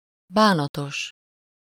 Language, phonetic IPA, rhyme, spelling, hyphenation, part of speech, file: Hungarian, [ˈbaːnɒtoʃ], -oʃ, bánatos, bá‧na‧tos, adjective, Hu-bánatos.ogg
- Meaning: sorrowful, sad